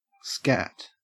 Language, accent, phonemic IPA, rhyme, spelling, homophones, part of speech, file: English, Australia, /skæt/, -æt, scat, skat, noun / verb / interjection, En-au-scat.ogg
- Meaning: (noun) 1. A tax; tribute 2. A land-tax paid in the Shetland Islands 3. Animal excrement; droppings, dung 4. Heroin 5. Whiskey 6. Coprophilia, scatophilia 7. A blow; a hit, an impact